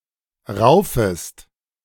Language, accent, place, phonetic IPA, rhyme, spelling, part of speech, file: German, Germany, Berlin, [ˈʁaʊ̯fəst], -aʊ̯fəst, raufest, verb, De-raufest.ogg
- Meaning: second-person singular subjunctive I of raufen